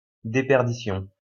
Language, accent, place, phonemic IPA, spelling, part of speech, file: French, France, Lyon, /de.pɛʁ.di.sjɔ̃/, déperdition, noun, LL-Q150 (fra)-déperdition.wav
- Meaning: diminution, decreasement, diminishment (gradual reduction)